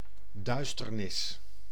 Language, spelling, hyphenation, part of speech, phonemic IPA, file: Dutch, duisternis, duis‧ter‧nis, noun, /ˈdœy̯stərˌnɪs/, Nl-duisternis.ogg
- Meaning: darkness